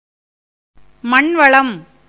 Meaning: richness of the soil
- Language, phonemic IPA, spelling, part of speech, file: Tamil, /mɐɳʋɐɭɐm/, மண்வளம், noun, Ta-மண்வளம்.ogg